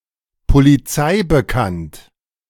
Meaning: known to the police
- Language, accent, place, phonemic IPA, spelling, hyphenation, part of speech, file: German, Germany, Berlin, /poliˈt͡saɪ̯bəˌkant/, polizeibekannt, po‧li‧zei‧be‧kannt, adjective, De-polizeibekannt.ogg